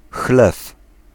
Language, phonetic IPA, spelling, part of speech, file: Polish, [xlɛf], chlew, noun, Pl-chlew.ogg